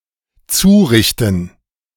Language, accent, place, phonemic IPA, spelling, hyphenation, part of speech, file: German, Germany, Berlin, /ˈt͡suːˌʁɪçtn̩/, zurichten, zu‧rich‧ten, verb, De-zurichten.ogg
- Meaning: 1. to hurt 2. to finish